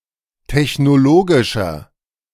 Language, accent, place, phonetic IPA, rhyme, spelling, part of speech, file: German, Germany, Berlin, [tɛçnoˈloːɡɪʃɐ], -oːɡɪʃɐ, technologischer, adjective, De-technologischer.ogg
- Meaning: inflection of technologisch: 1. strong/mixed nominative masculine singular 2. strong genitive/dative feminine singular 3. strong genitive plural